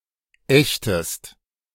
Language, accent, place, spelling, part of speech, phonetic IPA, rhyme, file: German, Germany, Berlin, ächtest, verb, [ˈɛçtəst], -ɛçtəst, De-ächtest.ogg
- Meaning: inflection of ächten: 1. second-person singular present 2. second-person singular subjunctive I